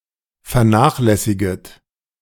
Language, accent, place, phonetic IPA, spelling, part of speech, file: German, Germany, Berlin, [fɛɐ̯ˈnaːxlɛsɪɡət], vernachlässiget, verb, De-vernachlässiget.ogg
- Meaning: second-person plural subjunctive I of vernachlässigen